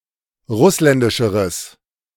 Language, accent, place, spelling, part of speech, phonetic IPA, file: German, Germany, Berlin, russländischeres, adjective, [ˈʁʊslɛndɪʃəʁəs], De-russländischeres.ogg
- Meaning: strong/mixed nominative/accusative neuter singular comparative degree of russländisch